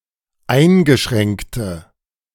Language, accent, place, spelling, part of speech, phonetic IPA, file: German, Germany, Berlin, eingeschränkte, adjective, [ˈaɪ̯nɡəˌʃʁɛŋktə], De-eingeschränkte.ogg
- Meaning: inflection of eingeschränkt: 1. strong/mixed nominative/accusative feminine singular 2. strong nominative/accusative plural 3. weak nominative all-gender singular